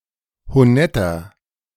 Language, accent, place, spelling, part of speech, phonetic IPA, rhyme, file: German, Germany, Berlin, honetter, adjective, [hoˈnɛtɐ], -ɛtɐ, De-honetter.ogg
- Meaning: 1. comparative degree of honett 2. inflection of honett: strong/mixed nominative masculine singular 3. inflection of honett: strong genitive/dative feminine singular